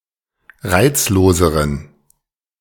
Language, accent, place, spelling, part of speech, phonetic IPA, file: German, Germany, Berlin, reizloseren, adjective, [ˈʁaɪ̯t͡sloːzəʁən], De-reizloseren.ogg
- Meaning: inflection of reizlos: 1. strong genitive masculine/neuter singular comparative degree 2. weak/mixed genitive/dative all-gender singular comparative degree